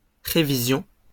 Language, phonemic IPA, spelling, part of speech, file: French, /ʁe.vi.zjɔ̃/, révision, noun, LL-Q150 (fra)-révision.wav
- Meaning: revision